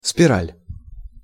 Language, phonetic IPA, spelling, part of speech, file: Russian, [spʲɪˈralʲ], спираль, noun, Ru-спираль.ogg
- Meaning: 1. spiral, spire helix 2. loop, Lippes loop 3. light bulb filament